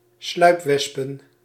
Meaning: plural of sluipwesp
- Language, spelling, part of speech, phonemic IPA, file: Dutch, sluipwespen, noun, /ˈslœypwɛspə(n)/, Nl-sluipwespen.ogg